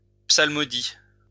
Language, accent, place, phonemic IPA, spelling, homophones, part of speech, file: French, France, Lyon, /psal.mɔ.di/, psalmodie, psalmodient / psalmodies, noun / verb, LL-Q150 (fra)-psalmodie.wav
- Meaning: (noun) psalmody; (verb) inflection of psalmodier: 1. first/third-person singular present indicative/subjunctive 2. second-person singular imperative